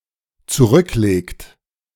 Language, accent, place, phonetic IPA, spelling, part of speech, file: German, Germany, Berlin, [t͡suˈʁʏkˌleːkt], zurücklegt, verb, De-zurücklegt.ogg
- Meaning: inflection of zurücklegen: 1. third-person singular dependent present 2. second-person plural dependent present